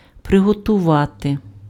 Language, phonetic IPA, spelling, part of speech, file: Ukrainian, [preɦɔtʊˈʋate], приготувати, verb, Uk-приготувати.ogg
- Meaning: to prepare, to ready, to get ready, to make ready